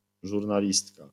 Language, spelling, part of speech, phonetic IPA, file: Polish, żurnalistka, noun, [ˌʒurnaˈlʲistka], LL-Q809 (pol)-żurnalistka.wav